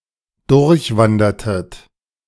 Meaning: inflection of durchwandern: 1. second-person plural preterite 2. second-person plural subjunctive II
- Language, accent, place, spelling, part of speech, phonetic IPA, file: German, Germany, Berlin, durchwandertet, verb, [ˈdʊʁçˌvandɐtət], De-durchwandertet.ogg